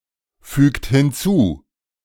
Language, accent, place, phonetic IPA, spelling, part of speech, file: German, Germany, Berlin, [ˌfyːkt hɪnˈt͡suː], fügt hinzu, verb, De-fügt hinzu.ogg
- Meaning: inflection of hinzufügen: 1. third-person singular present 2. second-person plural present 3. plural imperative